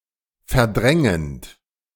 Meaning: present participle of verdrängen
- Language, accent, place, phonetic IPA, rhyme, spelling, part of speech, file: German, Germany, Berlin, [fɛɐ̯ˈdʁɛŋənt], -ɛŋənt, verdrängend, verb, De-verdrängend.ogg